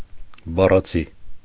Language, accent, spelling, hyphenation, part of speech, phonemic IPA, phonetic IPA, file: Armenian, Eastern Armenian, բառացի, բա‧ռա‧ցի, adjective / adverb, /bɑrɑˈt͡sʰi/, [bɑrɑt͡sʰí], Hy-բառացի.ogg
- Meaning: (adjective) literal, word for word; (adverb) literally